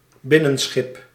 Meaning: ship used for inland navigation
- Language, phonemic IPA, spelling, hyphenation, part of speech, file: Dutch, /ˈbɪ.nə(n)ˌsxɪp/, binnenschip, bin‧nen‧schip, noun, Nl-binnenschip.ogg